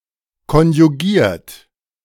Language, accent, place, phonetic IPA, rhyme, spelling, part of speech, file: German, Germany, Berlin, [kɔnjuˈɡiːɐ̯t], -iːɐ̯t, konjugiert, verb, De-konjugiert.ogg
- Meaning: 1. past participle of konjugieren 2. inflection of konjugieren: third-person singular present 3. inflection of konjugieren: second-person plural present 4. inflection of konjugieren: plural imperative